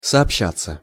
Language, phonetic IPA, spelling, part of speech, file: Russian, [sɐɐpˈɕːat͡sːə], сообщаться, verb, Ru-сообщаться.ogg
- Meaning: 1. to be reported 2. to be communicated, to communicate 3. to be in communication (with), to communicate (with) 4. to be imparted (to) 5. passive of сообща́ть (soobščátʹ)